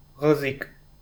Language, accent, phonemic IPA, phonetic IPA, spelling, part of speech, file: Armenian, Eastern Armenian, /ʁəˈzik/, [ʁəzík], ղզիկ, adjective / noun, Hy-ղզիկ.ogg
- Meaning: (adjective) effeminate; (noun) sissy, hermaphrodite